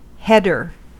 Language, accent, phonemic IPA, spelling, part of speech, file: English, US, /ˈhɛdɚ/, header, noun / verb, En-us-header.ogg
- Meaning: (noun) 1. The upper portion of a page (or other) layout 2. Text, or other visual information, used to mark off a quantity of text, often titling or summarizing it